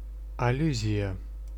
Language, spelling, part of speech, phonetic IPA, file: Russian, аллюзия, noun, [ɐˈlʲʉzʲɪjə], Ru-аллюзия.ogg
- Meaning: allusion (indirect reference, hint)